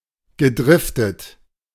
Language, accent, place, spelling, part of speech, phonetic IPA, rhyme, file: German, Germany, Berlin, gedriftet, verb, [ɡəˈdʁɪftət], -ɪftət, De-gedriftet.ogg
- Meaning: past participle of driften